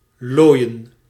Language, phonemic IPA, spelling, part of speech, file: Dutch, /ˈloːi̯ə(n)/, looien, verb / adjective, Nl-looien.ogg
- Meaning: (verb) to tan (leather); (adjective) alternative form of loden